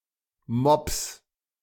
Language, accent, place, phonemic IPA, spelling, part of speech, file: German, Germany, Berlin, /mɔps/, mops, verb, De-mops.ogg
- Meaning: 1. singular imperative of mopsen 2. first-person singular present of mopsen